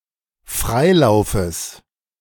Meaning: genitive singular of Freilauf
- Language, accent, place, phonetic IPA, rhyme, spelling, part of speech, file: German, Germany, Berlin, [ˈfʁaɪ̯ˌlaʊ̯fəs], -aɪ̯laʊ̯fəs, Freilaufes, noun, De-Freilaufes.ogg